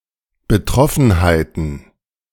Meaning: plural of Betroffenheit
- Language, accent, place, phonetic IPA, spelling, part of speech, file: German, Germany, Berlin, [bəˈtʁɔfn̩haɪ̯tn̩], Betroffenheiten, noun, De-Betroffenheiten.ogg